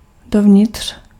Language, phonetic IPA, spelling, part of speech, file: Czech, [ˈdovɲɪtr̝̊], dovnitř, adverb, Cs-dovnitř.ogg
- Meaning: inside (towards interior)